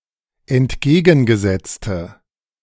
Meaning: inflection of entgegengesetzt: 1. strong/mixed nominative/accusative feminine singular 2. strong nominative/accusative plural 3. weak nominative all-gender singular
- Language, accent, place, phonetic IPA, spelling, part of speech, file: German, Germany, Berlin, [ɛntˈɡeːɡn̩ɡəˌzɛt͡stə], entgegengesetzte, adjective, De-entgegengesetzte.ogg